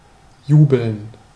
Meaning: to cheer, to exult, to rejoice loudly
- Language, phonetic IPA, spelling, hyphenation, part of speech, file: German, [ˈjuːbl̩n], jubeln, ju‧beln, verb, De-jubeln.ogg